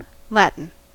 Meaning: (adjective) 1. Of or relating to Latin: the language spoken in ancient Rome and other cities of Latium 2. Of or relating to the script of the language spoken in ancient Rome and many modern alphabets
- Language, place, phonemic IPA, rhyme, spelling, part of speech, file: English, California, /ˈlæt.ɪn/, -ætɪn, Latin, adjective / proper noun / noun, En-us-Latin.ogg